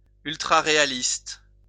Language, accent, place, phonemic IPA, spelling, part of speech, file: French, France, Lyon, /yl.tʁa.ʁe.a.list/, ultraréaliste, adjective, LL-Q150 (fra)-ultraréaliste.wav
- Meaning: ultrarealistic